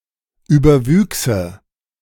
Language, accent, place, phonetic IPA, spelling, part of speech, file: German, Germany, Berlin, [ˌyːbɐˈvyːksə], überwüchse, verb, De-überwüchse.ogg
- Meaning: first/third-person singular subjunctive II of überwachsen